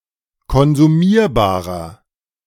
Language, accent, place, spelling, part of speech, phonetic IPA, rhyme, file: German, Germany, Berlin, konsumierbarer, adjective, [kɔnzuˈmiːɐ̯baːʁɐ], -iːɐ̯baːʁɐ, De-konsumierbarer.ogg
- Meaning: inflection of konsumierbar: 1. strong/mixed nominative masculine singular 2. strong genitive/dative feminine singular 3. strong genitive plural